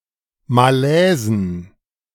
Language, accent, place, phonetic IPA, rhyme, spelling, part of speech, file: German, Germany, Berlin, [maˈlɛːzn̩], -ɛːzn̩, Malaisen, noun, De-Malaisen.ogg
- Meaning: plural of Malaise